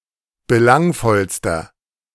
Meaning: inflection of belangvoll: 1. strong/mixed nominative masculine singular superlative degree 2. strong genitive/dative feminine singular superlative degree 3. strong genitive plural superlative degree
- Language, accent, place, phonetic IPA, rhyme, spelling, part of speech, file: German, Germany, Berlin, [bəˈlaŋfɔlstɐ], -aŋfɔlstɐ, belangvollster, adjective, De-belangvollster.ogg